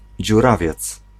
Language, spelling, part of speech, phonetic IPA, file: Polish, dziurawiec, noun, [d͡ʑuˈravʲjɛt͡s], Pl-dziurawiec.ogg